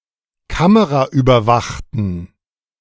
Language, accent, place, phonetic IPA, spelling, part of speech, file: German, Germany, Berlin, [ˈkaməʁaʔyːbɐˌvaxtn̩], kameraüberwachten, adjective, De-kameraüberwachten.ogg
- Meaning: inflection of kameraüberwacht: 1. strong genitive masculine/neuter singular 2. weak/mixed genitive/dative all-gender singular 3. strong/weak/mixed accusative masculine singular 4. strong dative plural